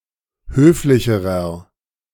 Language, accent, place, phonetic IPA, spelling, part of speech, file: German, Germany, Berlin, [ˈhøːflɪçəʁɐ], höflicherer, adjective, De-höflicherer.ogg
- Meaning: inflection of höflich: 1. strong/mixed nominative masculine singular comparative degree 2. strong genitive/dative feminine singular comparative degree 3. strong genitive plural comparative degree